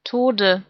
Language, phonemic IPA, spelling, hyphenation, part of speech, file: German, /ˈtoːdə/, Tode, To‧de, noun, De-Tode.ogg
- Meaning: 1. dative singular of Tod 2. nominative/genitive/accusative plural of Tod